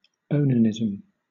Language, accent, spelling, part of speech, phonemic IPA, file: English, Southern England, onanism, noun, /ˈəʊnəˌnɪzəm/, LL-Q1860 (eng)-onanism.wav
- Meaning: 1. Masturbation 2. Ejaculating outside the vagina during intercourse; (the performing of) coitus interruptus